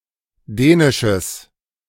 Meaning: strong/mixed nominative/accusative neuter singular of dänisch
- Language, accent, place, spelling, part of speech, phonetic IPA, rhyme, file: German, Germany, Berlin, dänisches, adjective, [ˈdɛːnɪʃəs], -ɛːnɪʃəs, De-dänisches.ogg